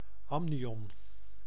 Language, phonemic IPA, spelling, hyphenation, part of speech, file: Dutch, /ˈɑm.ni.ɔn/, amnion, am‧ni‧on, noun, Nl-amnion.ogg
- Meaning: amnion